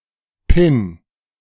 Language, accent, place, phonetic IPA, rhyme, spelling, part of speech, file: German, Germany, Berlin, [pɪn], -ɪn, Pin, noun, De-Pin.ogg
- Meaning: 1. pin, lapel pin, badge (accessory attached with a pin) 2. pin (any of the individual connecting elements of a multipole electrical connector)